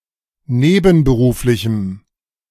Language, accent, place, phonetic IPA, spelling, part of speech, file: German, Germany, Berlin, [ˈneːbn̩bəˌʁuːflɪçəm], nebenberuflichem, adjective, De-nebenberuflichem.ogg
- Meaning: strong dative masculine/neuter singular of nebenberuflich